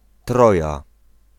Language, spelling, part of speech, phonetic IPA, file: Polish, Troja, proper noun, [ˈtrɔja], Pl-Troja.ogg